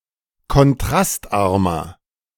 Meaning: 1. comparative degree of kontrastarm 2. inflection of kontrastarm: strong/mixed nominative masculine singular 3. inflection of kontrastarm: strong genitive/dative feminine singular
- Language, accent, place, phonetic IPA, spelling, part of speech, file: German, Germany, Berlin, [kɔnˈtʁastˌʔaʁmɐ], kontrastarmer, adjective, De-kontrastarmer.ogg